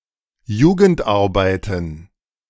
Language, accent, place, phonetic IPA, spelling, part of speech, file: German, Germany, Berlin, [ˈjuːɡəntˌʔaʁbaɪ̯tn̩], Jugendarbeiten, noun, De-Jugendarbeiten.ogg
- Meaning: plural of Jugendarbeit